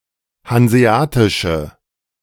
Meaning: inflection of hanseatisch: 1. strong/mixed nominative/accusative feminine singular 2. strong nominative/accusative plural 3. weak nominative all-gender singular
- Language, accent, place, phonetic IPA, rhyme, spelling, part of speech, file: German, Germany, Berlin, [hanzeˈaːtɪʃə], -aːtɪʃə, hanseatische, adjective, De-hanseatische.ogg